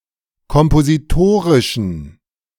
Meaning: inflection of kompositorisch: 1. strong genitive masculine/neuter singular 2. weak/mixed genitive/dative all-gender singular 3. strong/weak/mixed accusative masculine singular 4. strong dative plural
- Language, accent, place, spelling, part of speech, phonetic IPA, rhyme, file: German, Germany, Berlin, kompositorischen, adjective, [kɔmpoziˈtoːʁɪʃn̩], -oːʁɪʃn̩, De-kompositorischen.ogg